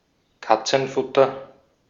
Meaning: cat food
- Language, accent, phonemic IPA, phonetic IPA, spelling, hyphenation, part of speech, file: German, Austria, /ˈkat͡sənˌfʊtər/, [ˈkat͡sn̩ˌfʊtɐ], Katzenfutter, Kat‧zen‧fut‧ter, noun, De-at-Katzenfutter.ogg